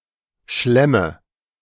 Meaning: nominative/accusative/genitive plural of Schlamm
- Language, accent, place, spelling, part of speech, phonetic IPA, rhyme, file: German, Germany, Berlin, Schlämme, noun, [ˈʃlɛmə], -ɛmə, De-Schlämme.ogg